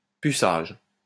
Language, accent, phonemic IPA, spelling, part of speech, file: French, France, /py.saʒ/, puçage, noun, LL-Q150 (fra)-puçage.wav
- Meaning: chipping (insertion of a chip under the skin)